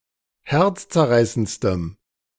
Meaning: strong dative masculine/neuter singular superlative degree of herzzerreißend
- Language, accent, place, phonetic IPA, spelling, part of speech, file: German, Germany, Berlin, [ˈhɛʁt͡st͡sɛɐ̯ˌʁaɪ̯sənt͡stəm], herzzerreißendstem, adjective, De-herzzerreißendstem.ogg